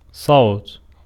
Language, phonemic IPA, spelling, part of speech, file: Arabic, /sˤawt/, صوت, noun / verb, Ar-صوت.ogg
- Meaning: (noun) 1. a sound (of a thing, an animal, and so on) 2. a sound (of a thing, an animal, and so on): the sound of human speech or human singing, a voice 3. a vote; a ballot